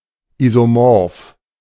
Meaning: isomorphic
- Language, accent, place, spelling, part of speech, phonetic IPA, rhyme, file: German, Germany, Berlin, isomorph, adjective, [ˌizoˈmɔʁf], -ɔʁf, De-isomorph.ogg